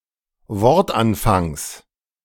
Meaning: genitive singular of Wortanfang
- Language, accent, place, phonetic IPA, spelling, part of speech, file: German, Germany, Berlin, [ˈvɔʁtˌʔanfaŋs], Wortanfangs, noun, De-Wortanfangs.ogg